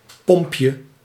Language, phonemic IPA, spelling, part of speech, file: Dutch, /ˈpɔmpjə/, pompje, noun, Nl-pompje.ogg
- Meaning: diminutive of pomp